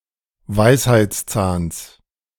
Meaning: genitive singular of Weisheitszahn
- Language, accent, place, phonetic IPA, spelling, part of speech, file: German, Germany, Berlin, [ˈvaɪ̯shaɪ̯t͡sˌt͡saːns], Weisheitszahns, noun, De-Weisheitszahns.ogg